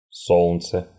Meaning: the Sun, Sol, Old Sol
- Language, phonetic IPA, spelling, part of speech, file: Russian, [ˈso(ɫ)nt͡sə], Солнце, proper noun, Ru-Со́лнце.ogg